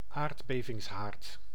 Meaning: a hypocentre
- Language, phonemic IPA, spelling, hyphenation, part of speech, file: Dutch, /ˈaːrt.beː.vɪŋsˌɦaːrt/, aardbevingshaard, aard‧be‧vings‧haard, noun, Nl-aardbevingshaard.ogg